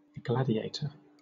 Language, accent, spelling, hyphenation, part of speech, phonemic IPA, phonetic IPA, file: English, Southern England, gladiator, gla‧di‧a‧tor, noun / verb, /ˈɡlædiˌeɪ̯tə/, [ˈɡlædiˌeɪ̯tʰə], LL-Q1860 (eng)-gladiator.wav
- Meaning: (noun) 1. A person (professional or slave) who entertained the public by engaging in mortal combat with another, or with a wild animal 2. A disputant in a public controversy or debate